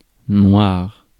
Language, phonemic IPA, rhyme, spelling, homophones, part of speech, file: French, /nwaʁ/, -waʁ, noir, noirs / noire / noires, adjective / noun, Fr-noir.ogg
- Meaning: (adjective) 1. black in colour 2. dark 3. drunk; inebriated 4. black, of black ethnicity; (noun) 1. a black person 2. a person whose hair is dark 3. dark; darkness